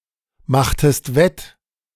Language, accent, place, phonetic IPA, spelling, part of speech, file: German, Germany, Berlin, [ˌmaxtəst ˈvɛt], machtest wett, verb, De-machtest wett.ogg
- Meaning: inflection of wettmachen: 1. second-person singular preterite 2. second-person singular subjunctive II